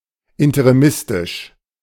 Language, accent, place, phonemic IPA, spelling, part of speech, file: German, Germany, Berlin, /ɪntəʁiˈmɪstɪʃ/, interimistisch, adjective, De-interimistisch.ogg
- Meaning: interim